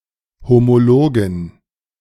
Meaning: dative plural of Homolog
- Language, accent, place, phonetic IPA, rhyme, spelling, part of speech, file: German, Germany, Berlin, [homoˈloːɡn̩], -oːɡn̩, Homologen, noun, De-Homologen.ogg